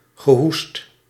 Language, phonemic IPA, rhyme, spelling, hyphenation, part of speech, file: Dutch, /ɣəˈɦust/, -ust, gehoest, ge‧hoest, noun / verb, Nl-gehoest.ogg
- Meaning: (noun) coughing (act of coughing); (verb) past participle of hoesten